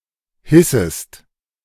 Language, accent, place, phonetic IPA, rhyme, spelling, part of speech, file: German, Germany, Berlin, [ˈhɪsəst], -ɪsəst, hissest, verb, De-hissest.ogg
- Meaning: second-person singular subjunctive I of hissen